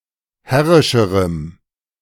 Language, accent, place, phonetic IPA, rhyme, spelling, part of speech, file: German, Germany, Berlin, [ˈhɛʁɪʃəʁəm], -ɛʁɪʃəʁəm, herrischerem, adjective, De-herrischerem.ogg
- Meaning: strong dative masculine/neuter singular comparative degree of herrisch